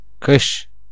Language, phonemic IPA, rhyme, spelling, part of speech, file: Turkish, /ˈkɯʃ/, -ɯʃ, kış, noun, Tur-kış.ogg
- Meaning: winter (fourth season, marked by short days and lowest temperatures)